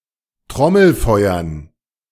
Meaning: dative plural of Trommelfeuer
- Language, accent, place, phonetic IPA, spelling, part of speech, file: German, Germany, Berlin, [ˈtʁɔml̩ˌfɔɪ̯ɐn], Trommelfeuern, noun, De-Trommelfeuern.ogg